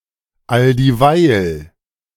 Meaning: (adverb) all the while; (conjunction) because
- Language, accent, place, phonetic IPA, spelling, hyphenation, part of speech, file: German, Germany, Berlin, [aldiːˈvaɪ̯l], alldieweil, all‧die‧weil, adverb / conjunction, De-alldieweil.ogg